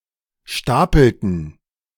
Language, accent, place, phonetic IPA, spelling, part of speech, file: German, Germany, Berlin, [ˈʃtaːpl̩tn̩], stapelten, verb, De-stapelten.ogg
- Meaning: inflection of stapeln: 1. first/third-person plural preterite 2. first/third-person plural subjunctive II